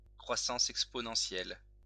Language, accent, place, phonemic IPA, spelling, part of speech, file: French, France, Lyon, /kʁwa.sɑ̃s ɛk.spɔ.nɑ̃.sjɛl/, croissance exponentielle, noun, LL-Q150 (fra)-croissance exponentielle.wav
- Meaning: exponential growth